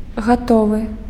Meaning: ready
- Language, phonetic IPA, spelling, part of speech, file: Belarusian, [ɣaˈtovɨ], гатовы, adjective, Be-гатовы.ogg